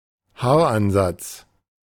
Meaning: the hairline (on the head)
- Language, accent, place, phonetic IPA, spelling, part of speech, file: German, Germany, Berlin, [ˈhaːɐ̯ˌʔanzat͡s], Haaransatz, noun, De-Haaransatz.ogg